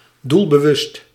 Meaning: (adjective) 1. purposeful, deliberate 2. resolute, determined; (adverb) purposefully
- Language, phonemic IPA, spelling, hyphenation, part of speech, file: Dutch, /ˌdul.bəˈʋʏst/, doelbewust, doel‧be‧wust, adjective / adverb, Nl-doelbewust.ogg